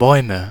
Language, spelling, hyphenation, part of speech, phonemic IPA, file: German, Bäume, Bäu‧me, noun, /ˈbɔɪ̯mə/, De-Bäume.ogg
- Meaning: nominative/accusative/genitive plural of Baum (“tree”)